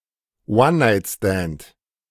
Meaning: one-night stand
- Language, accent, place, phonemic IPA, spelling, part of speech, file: German, Germany, Berlin, /ˈwannaɪ̯tstɛnt/, One-Night-Stand, noun, De-One-Night-Stand.ogg